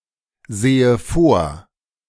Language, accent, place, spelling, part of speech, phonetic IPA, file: German, Germany, Berlin, sehe vor, verb, [ˌzeːə ˈfoːɐ̯], De-sehe vor.ogg
- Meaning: inflection of vorsehen: 1. first-person singular present 2. first/third-person singular subjunctive I